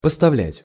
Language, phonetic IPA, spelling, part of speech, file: Russian, [pəstɐˈvlʲætʲ], поставлять, verb, Ru-поставлять.ogg
- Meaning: to supply